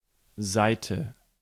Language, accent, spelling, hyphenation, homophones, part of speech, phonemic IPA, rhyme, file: German, Germany, Seite, Sei‧te, Saite, noun, /ˈzaɪ̯tə/, -aɪ̯tə, De-Seite.ogg
- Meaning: 1. side (a bounding straight edge of a two-dimensional shape) 2. face, side, surface of any three-dimensional object 3. page (single leaf of any manuscript or book)